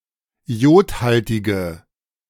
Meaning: inflection of iodhaltig: 1. strong/mixed nominative/accusative feminine singular 2. strong nominative/accusative plural 3. weak nominative all-gender singular
- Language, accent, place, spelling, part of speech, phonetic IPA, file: German, Germany, Berlin, iodhaltige, adjective, [ˈi̯oːtˌhaltɪɡə], De-iodhaltige.ogg